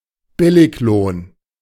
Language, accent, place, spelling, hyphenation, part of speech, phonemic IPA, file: German, Germany, Berlin, Billiglohn, Bil‧lig‧lohn, noun, /ˈbɪlɪçˌloːn/, De-Billiglohn.ogg
- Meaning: low wage